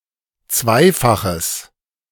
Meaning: strong/mixed nominative/accusative neuter singular of zweifach
- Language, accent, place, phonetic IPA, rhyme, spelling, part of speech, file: German, Germany, Berlin, [ˈt͡svaɪ̯faxəs], -aɪ̯faxəs, zweifaches, adjective, De-zweifaches.ogg